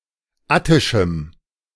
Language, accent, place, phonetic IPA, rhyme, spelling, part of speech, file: German, Germany, Berlin, [ˈatɪʃm̩], -atɪʃm̩, attischem, adjective, De-attischem.ogg
- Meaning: strong dative masculine/neuter singular of attisch